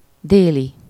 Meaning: 1. south, southern 2. midday
- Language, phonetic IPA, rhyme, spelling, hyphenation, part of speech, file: Hungarian, [ˈdeːli], -li, déli, dé‧li, adjective, Hu-déli.ogg